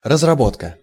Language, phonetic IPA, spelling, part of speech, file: Russian, [rəzrɐˈbotkə], разработка, noun, Ru-разработка.ogg
- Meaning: 1. development, designing, elaboration 2. cultivation 3. mine workings